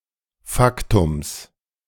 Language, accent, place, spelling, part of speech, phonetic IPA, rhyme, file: German, Germany, Berlin, Faktums, noun, [ˈfaktʊms], -aktʊms, De-Faktums.ogg
- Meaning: genitive singular of Faktum